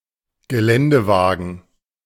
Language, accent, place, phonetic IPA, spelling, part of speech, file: German, Germany, Berlin, [ɡəˈlɛndəˌvaːɡn̩], Geländewagen, noun, De-Geländewagen.ogg
- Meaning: off-roader